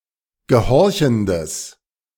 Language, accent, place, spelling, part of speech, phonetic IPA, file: German, Germany, Berlin, gehorchendes, adjective, [ɡəˈhɔʁçn̩dəs], De-gehorchendes.ogg
- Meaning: strong/mixed nominative/accusative neuter singular of gehorchend